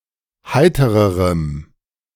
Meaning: strong dative masculine/neuter singular comparative degree of heiter
- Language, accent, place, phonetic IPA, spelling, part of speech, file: German, Germany, Berlin, [ˈhaɪ̯təʁəʁəm], heitererem, adjective, De-heitererem.ogg